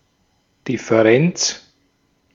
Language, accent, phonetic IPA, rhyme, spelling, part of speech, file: German, Austria, [ˌdɪfəˈʁɛnt͡s], -ɛnt͡s, Differenz, noun, De-at-Differenz.ogg
- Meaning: difference